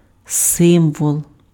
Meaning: symbol
- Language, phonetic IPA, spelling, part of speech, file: Ukrainian, [ˈsɪmwɔɫ], символ, noun, Uk-символ.ogg